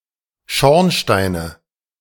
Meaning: nominative/accusative/genitive plural of Schornstein
- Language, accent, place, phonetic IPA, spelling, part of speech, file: German, Germany, Berlin, [ˈʃɔʁnˌʃtaɪ̯nə], Schornsteine, noun, De-Schornsteine.ogg